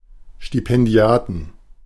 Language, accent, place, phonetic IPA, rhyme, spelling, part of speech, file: German, Germany, Berlin, [ˌʃtipɛnˈdi̯aːtn̩], -aːtn̩, Stipendiaten, noun, De-Stipendiaten.ogg
- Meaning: 1. genitive singular of Stipendiat 2. dative singular of Stipendiat 3. accusative singular of Stipendiat 4. plural of Stipendiat